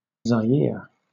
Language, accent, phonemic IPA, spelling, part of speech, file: English, Southern England, /zaɪˈɪə/, Zaire, proper noun, LL-Q1860 (eng)-Zaire.wav
- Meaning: 1. Former name of the Democratic Republic of the Congo: a country in Central Africa; used from 1971–1997 2. Synonym of Congo (major river in Central Africa)